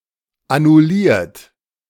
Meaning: 1. past participle of annullieren 2. inflection of annullieren: third-person singular present 3. inflection of annullieren: second-person plural present 4. inflection of annullieren: plural imperative
- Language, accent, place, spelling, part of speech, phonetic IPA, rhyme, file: German, Germany, Berlin, annulliert, verb, [anʊˈliːɐ̯t], -iːɐ̯t, De-annulliert.ogg